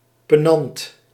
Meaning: 1. pier (piece of wall between two frames or openings, such as windows or doors) 2. pedestal or pillar (support piece of a mill)
- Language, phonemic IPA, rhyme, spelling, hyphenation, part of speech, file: Dutch, /pəˈnɑnt/, -ɑnt, penant, pe‧nant, noun, Nl-penant.ogg